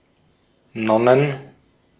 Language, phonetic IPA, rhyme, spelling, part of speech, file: German, [ˈnɔnən], -ɔnən, Nonnen, noun, De-at-Nonnen.ogg
- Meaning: plural of Nonne